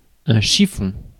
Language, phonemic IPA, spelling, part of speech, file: French, /ʃi.fɔ̃/, chiffon, noun, Fr-chiffon.ogg
- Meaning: 1. rag 2. scrap